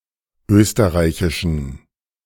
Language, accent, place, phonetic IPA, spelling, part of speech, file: German, Germany, Berlin, [ˈøːstəʁaɪ̯çɪʃn̩], österreichischen, adjective, De-österreichischen.ogg
- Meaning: inflection of österreichisch: 1. strong genitive masculine/neuter singular 2. weak/mixed genitive/dative all-gender singular 3. strong/weak/mixed accusative masculine singular 4. strong dative plural